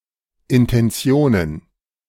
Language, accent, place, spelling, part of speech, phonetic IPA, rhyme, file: German, Germany, Berlin, Intentionen, noun, [ɪntɛnˈt͡si̯oːnən], -oːnən, De-Intentionen.ogg
- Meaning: plural of Intention